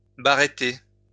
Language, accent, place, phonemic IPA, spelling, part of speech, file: French, France, Lyon, /ba.ʁe.te/, baréter, verb, LL-Q150 (fra)-baréter.wav
- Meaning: 1. to trumpet (make the cry of an elephant or rhinoceros) 2. to utter an exasperated, loud sigh 3. to moan, groan